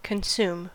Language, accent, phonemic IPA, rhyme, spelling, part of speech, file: English, US, /kənˈsum/, -uːm, consume, verb, En-us-consume.ogg
- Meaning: 1. To use up 2. To eat 3. To completely occupy the thoughts or attention of 4. To destroy completely 5. To waste away slowly 6. To obtain and use goods or services as an individual